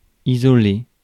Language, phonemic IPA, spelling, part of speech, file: French, /i.zɔ.le/, isoler, verb, Fr-isoler.ogg
- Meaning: 1. to isolate 2. to insulate